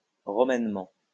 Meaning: In a Roman manner
- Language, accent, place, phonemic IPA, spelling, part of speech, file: French, France, Lyon, /ʁɔ.mɛn.mɑ̃/, romainement, adverb, LL-Q150 (fra)-romainement.wav